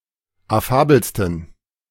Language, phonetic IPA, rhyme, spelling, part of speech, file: German, [aˈfaːbl̩stn̩], -aːbl̩stn̩, affabelsten, adjective, De-affabelsten.oga
- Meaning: 1. superlative degree of affabel 2. inflection of affabel: strong genitive masculine/neuter singular superlative degree